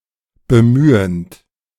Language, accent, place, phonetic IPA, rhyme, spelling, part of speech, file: German, Germany, Berlin, [bəˈmyːənt], -yːənt, bemühend, verb, De-bemühend.ogg
- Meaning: present participle of bemühen